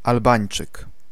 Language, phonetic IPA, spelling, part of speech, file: Polish, [alˈbãj̃n͇t͡ʃɨk], Albańczyk, noun, Pl-Albańczyk.ogg